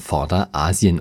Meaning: Western Asia
- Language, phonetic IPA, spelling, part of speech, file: German, [ˈfɔʁdɐˌʔaːzi̯ən], Vorderasien, proper noun, De-Vorderasien.ogg